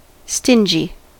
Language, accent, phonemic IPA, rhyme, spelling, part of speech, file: English, US, /ˈstɪnd͡ʒi/, -ɪnd͡ʒi, stingy, adjective, En-us-stingy.ogg
- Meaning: 1. Unwilling to spend, give, or share; ungenerous; mean 2. Small, scant, meager, insufficient